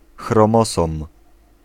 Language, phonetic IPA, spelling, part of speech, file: Polish, [xrɔ̃ˈmɔsɔ̃m], chromosom, noun, Pl-chromosom.ogg